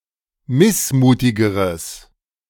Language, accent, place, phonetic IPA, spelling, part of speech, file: German, Germany, Berlin, [ˈmɪsˌmuːtɪɡəʁəs], missmutigeres, adjective, De-missmutigeres.ogg
- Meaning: strong/mixed nominative/accusative neuter singular comparative degree of missmutig